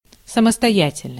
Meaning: independence (state of having sufficient means for a comfortable livelihood)
- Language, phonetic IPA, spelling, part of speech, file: Russian, [səməstɐˈjætʲɪlʲnəsʲtʲ], самостоятельность, noun, Ru-самостоятельность.ogg